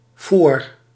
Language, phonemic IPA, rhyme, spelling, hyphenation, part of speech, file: Dutch, /foːr/, -oːr, foor, foor, noun, Nl-foor.ogg
- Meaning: 1. fair, convention 2. funfair, carnival